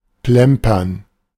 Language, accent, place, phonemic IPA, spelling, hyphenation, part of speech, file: German, Germany, Berlin, /ˈplɛmpɐn/, plempern, plem‧pern, verb, De-plempern.ogg
- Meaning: 1. to dawdle 2. to spill